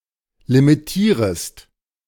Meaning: second-person singular subjunctive I of limitieren
- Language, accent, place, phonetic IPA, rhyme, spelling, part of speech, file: German, Germany, Berlin, [limiˈtiːʁəst], -iːʁəst, limitierest, verb, De-limitierest.ogg